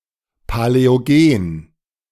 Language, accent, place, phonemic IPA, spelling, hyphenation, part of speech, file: German, Germany, Berlin, /palɛoˈɡeːn/, Paläogen, Pa‧läo‧gen, proper noun, De-Paläogen.ogg
- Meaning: the Paleogene (a geologic period; from about 65 to 23 million years ago)